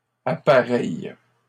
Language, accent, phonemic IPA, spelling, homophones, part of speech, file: French, Canada, /a.pa.ʁɛj/, appareilles, appareille / appareillent, verb, LL-Q150 (fra)-appareilles.wav
- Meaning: second-person singular present indicative/subjunctive of appareiller